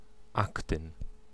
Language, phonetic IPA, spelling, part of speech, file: Polish, [ˈaktɨ̃n], aktyn, noun, Pl-aktyn.ogg